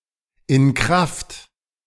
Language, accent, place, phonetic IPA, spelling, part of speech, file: German, Germany, Berlin, [ɪn ˈkʁaft], in Kraft, phrase, De-in Kraft.ogg
- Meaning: effective, in force